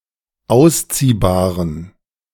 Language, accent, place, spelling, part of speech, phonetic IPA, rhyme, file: German, Germany, Berlin, ausziehbaren, adjective, [ˈaʊ̯sˌt͡siːbaːʁən], -aʊ̯st͡siːbaːʁən, De-ausziehbaren.ogg
- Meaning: inflection of ausziehbar: 1. strong genitive masculine/neuter singular 2. weak/mixed genitive/dative all-gender singular 3. strong/weak/mixed accusative masculine singular 4. strong dative plural